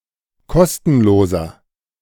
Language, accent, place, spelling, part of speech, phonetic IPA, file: German, Germany, Berlin, kostenloser, adjective, [ˈkɔstn̩loːzɐ], De-kostenloser.ogg
- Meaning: inflection of kostenlos: 1. strong/mixed nominative masculine singular 2. strong genitive/dative feminine singular 3. strong genitive plural